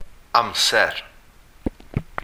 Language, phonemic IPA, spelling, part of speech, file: Welsh, /ˈamsɛr/, amser, noun, Cy-amser.ogg
- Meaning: 1. time 2. tense 3. tempo